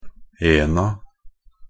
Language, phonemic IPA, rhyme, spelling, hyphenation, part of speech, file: Norwegian Bokmål, /ˈeːna/, -eːna, -ena, -en‧a, suffix, Nb--ena.ogg
- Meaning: definite plural of -en